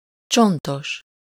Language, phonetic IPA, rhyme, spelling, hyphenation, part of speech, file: Hungarian, [ˈt͡ʃontoʃ], -oʃ, csontos, cson‧tos, adjective, Hu-csontos.ogg
- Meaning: bony